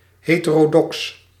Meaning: heterodox (deviating from some orthodoxy, whether religious or ideological)
- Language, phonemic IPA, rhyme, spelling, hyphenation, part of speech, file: Dutch, /ˌɦeː.tə.roːˈdɔks/, -ɔks, heterodox, he‧te‧ro‧dox, adjective, Nl-heterodox.ogg